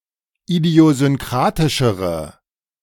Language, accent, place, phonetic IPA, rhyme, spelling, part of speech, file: German, Germany, Berlin, [idi̯ozʏnˈkʁaːtɪʃəʁə], -aːtɪʃəʁə, idiosynkratischere, adjective, De-idiosynkratischere.ogg
- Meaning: inflection of idiosynkratisch: 1. strong/mixed nominative/accusative feminine singular comparative degree 2. strong nominative/accusative plural comparative degree